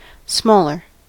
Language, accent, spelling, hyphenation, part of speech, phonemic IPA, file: English, US, smaller, small‧er, adjective / adverb, /ˈsmɔ.lɚ/, En-us-smaller.ogg
- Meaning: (adjective) comparative form of small: more small